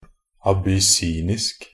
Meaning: Abyssinian (of or pertaining to Ethiopia or its inhabitants)
- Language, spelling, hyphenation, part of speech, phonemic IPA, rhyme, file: Norwegian Bokmål, abyssinisk, ab‧ys‧sin‧isk, adjective, /abʏˈsiːnɪsk/, -ɪsk, Nb-abyssinisk.ogg